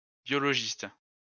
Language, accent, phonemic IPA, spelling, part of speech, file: French, France, /bjɔ.lɔ.ʒist/, biologistes, noun, LL-Q150 (fra)-biologistes.wav
- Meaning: plural of biologiste